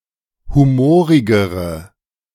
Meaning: inflection of humorig: 1. strong/mixed nominative/accusative feminine singular comparative degree 2. strong nominative/accusative plural comparative degree
- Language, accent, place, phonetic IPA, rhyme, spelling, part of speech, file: German, Germany, Berlin, [ˌhuˈmoːʁɪɡəʁə], -oːʁɪɡəʁə, humorigere, adjective, De-humorigere.ogg